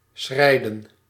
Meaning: to stride
- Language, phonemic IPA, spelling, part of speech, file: Dutch, /ˈsxrɛi̯.də(n)/, schrijden, verb, Nl-schrijden.ogg